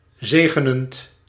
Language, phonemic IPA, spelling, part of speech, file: Dutch, /ˈzeɣənənt/, zegenend, verb / adjective, Nl-zegenend.ogg
- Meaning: present participle of zegenen